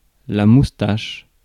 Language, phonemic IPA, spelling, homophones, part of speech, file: French, /mus.taʃ/, moustache, moustaches, noun, Fr-moustache.ogg
- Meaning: 1. moustache, mustache 2. whisker (of a cat)